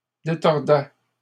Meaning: first/second-person singular imperfect indicative of détordre
- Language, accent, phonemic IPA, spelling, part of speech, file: French, Canada, /de.tɔʁ.dɛ/, détordais, verb, LL-Q150 (fra)-détordais.wav